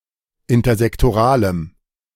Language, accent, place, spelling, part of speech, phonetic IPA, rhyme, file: German, Germany, Berlin, intersektoralem, adjective, [ɪntɐzɛktoˈʁaːləm], -aːləm, De-intersektoralem.ogg
- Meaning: strong dative masculine/neuter singular of intersektoral